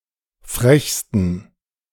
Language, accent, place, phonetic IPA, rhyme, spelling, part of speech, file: German, Germany, Berlin, [ˈfʁɛçstn̩], -ɛçstn̩, frechsten, adjective, De-frechsten.ogg
- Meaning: 1. superlative degree of frech 2. inflection of frech: strong genitive masculine/neuter singular superlative degree